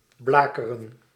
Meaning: to scorch, to singe
- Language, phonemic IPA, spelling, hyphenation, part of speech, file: Dutch, /ˈblaːkərə(n)/, blakeren, bla‧ke‧ren, verb, Nl-blakeren.ogg